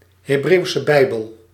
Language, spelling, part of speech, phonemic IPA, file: Dutch, Hebreeuwse Bijbel, proper noun, /ɦeːˌbreːu̯.sə ˈbɛi̯.bəl/, Nl-Hebreeuwse Bijbel.ogg
- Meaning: Hebrew Bible